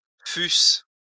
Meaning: second-person singular imperfect subjunctive of être
- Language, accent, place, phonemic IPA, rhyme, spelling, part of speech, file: French, France, Lyon, /fys/, -ys, fusses, verb, LL-Q150 (fra)-fusses.wav